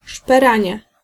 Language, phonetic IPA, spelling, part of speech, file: Polish, [ʃpɛˈrãɲɛ], szperanie, noun, Pl-szperanie.ogg